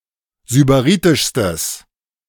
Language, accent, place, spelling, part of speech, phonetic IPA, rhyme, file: German, Germany, Berlin, sybaritischstes, adjective, [zybaˈʁiːtɪʃstəs], -iːtɪʃstəs, De-sybaritischstes.ogg
- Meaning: strong/mixed nominative/accusative neuter singular superlative degree of sybaritisch